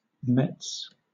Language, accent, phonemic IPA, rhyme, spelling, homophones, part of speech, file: English, Southern England, /mɛts/, -ɛts, mets, Mets, noun, LL-Q1860 (eng)-mets.wav
- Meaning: Clipping of metastases